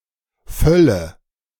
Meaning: 1. unpleasant fullness of bodily bowels or vessels, especially of the stomach with food 2. alternative form of Fülle
- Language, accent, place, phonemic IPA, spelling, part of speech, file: German, Germany, Berlin, /ˈfœlə/, Völle, noun, De-Völle.ogg